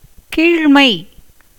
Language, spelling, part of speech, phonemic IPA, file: Tamil, கீழ்மை, noun, /kiːɻmɐɪ̯/, Ta-கீழ்மை.ogg
- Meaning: 1. lowliness, inferiority 2. submissiveness, humility 3. degradation, abasement